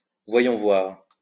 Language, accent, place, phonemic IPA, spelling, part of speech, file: French, France, Lyon, /vwa.jɔ̃ vwaʁ/, voyons voir, interjection, LL-Q150 (fra)-voyons voir.wav
- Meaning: let's see, let me see